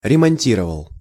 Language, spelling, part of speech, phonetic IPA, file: Russian, ремонтировал, verb, [rʲɪmɐnʲˈtʲirəvəɫ], Ru-ремонтировал.ogg
- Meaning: masculine singular past indicative imperfective/perfective of ремонти́ровать (remontírovatʹ)